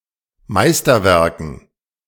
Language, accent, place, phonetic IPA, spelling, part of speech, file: German, Germany, Berlin, [ˈmaɪ̯stɐˌvɛʁkn̩], Meisterwerken, noun, De-Meisterwerken.ogg
- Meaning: dative plural of Meisterwerk